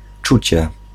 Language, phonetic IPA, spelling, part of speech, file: Polish, [ˈt͡ʃut͡ɕɛ], czucie, noun, Pl-czucie.ogg